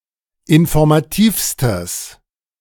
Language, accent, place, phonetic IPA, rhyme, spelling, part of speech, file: German, Germany, Berlin, [ɪnfɔʁmaˈtiːfstəs], -iːfstəs, informativstes, adjective, De-informativstes.ogg
- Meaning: strong/mixed nominative/accusative neuter singular superlative degree of informativ